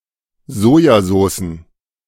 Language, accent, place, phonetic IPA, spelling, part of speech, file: German, Germany, Berlin, [ˈzoːjaˌzoːsn̩], Sojasoßen, noun, De-Sojasoßen.ogg
- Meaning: plural of Sojasoße